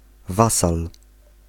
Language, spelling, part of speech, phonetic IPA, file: Polish, wasal, noun, [ˈvasal], Pl-wasal.ogg